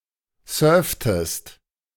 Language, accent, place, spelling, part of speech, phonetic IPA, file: German, Germany, Berlin, surftest, verb, [ˈsœːɐ̯ftəst], De-surftest.ogg
- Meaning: inflection of surfen: 1. second-person singular preterite 2. second-person singular subjunctive II